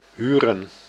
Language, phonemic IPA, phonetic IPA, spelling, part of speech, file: Dutch, /ˈɦyrə(n)/, [ˈɦyːrə(n)], huren, verb, Nl-huren.ogg
- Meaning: to rent, hire